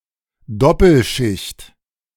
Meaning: bilayer
- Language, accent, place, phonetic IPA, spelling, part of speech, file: German, Germany, Berlin, [ˈdɔpl̩ˌʃɪçt], Doppelschicht, noun, De-Doppelschicht.ogg